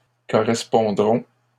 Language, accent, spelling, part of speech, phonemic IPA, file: French, Canada, correspondront, verb, /kɔ.ʁɛs.pɔ̃.dʁɔ̃/, LL-Q150 (fra)-correspondront.wav
- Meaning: third-person plural future of correspondre